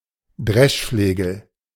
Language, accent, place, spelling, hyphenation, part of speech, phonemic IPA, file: German, Germany, Berlin, Dreschflegel, Dresch‧fle‧gel, noun, /ˈdʁɛʃˌfleːɡl̩/, De-Dreschflegel.ogg
- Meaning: flail